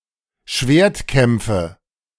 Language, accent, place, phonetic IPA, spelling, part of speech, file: German, Germany, Berlin, [ˈʃveːɐ̯tˌkɛmp͡fə], Schwertkämpfe, noun, De-Schwertkämpfe.ogg
- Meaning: nominative/accusative/genitive plural of Schwertkampf